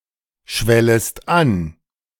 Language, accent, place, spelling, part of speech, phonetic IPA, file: German, Germany, Berlin, schwellest an, verb, [ˌʃvɛləst ˈan], De-schwellest an.ogg
- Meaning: second-person singular subjunctive I of anschwellen